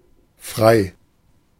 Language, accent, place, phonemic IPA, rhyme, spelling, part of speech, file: German, Germany, Berlin, /fʁaɪ̯/, -aɪ̯, frei, adjective, De-frei.ogg
- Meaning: 1. free; unenslaved; unimprisoned 2. free; unrestricted; more negative also: unrestrained; licentious 3. unblocked; free for passage 4. independent; unaffiliated